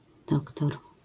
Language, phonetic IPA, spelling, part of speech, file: Polish, [ˈdɔktɔr], dr, abbreviation, LL-Q809 (pol)-dr.wav